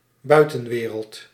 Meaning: outside world
- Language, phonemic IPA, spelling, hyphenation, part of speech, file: Dutch, /ˈbœy̯.tə(n)ˌʋeː.rəlt/, buitenwereld, bui‧ten‧we‧reld, noun, Nl-buitenwereld.ogg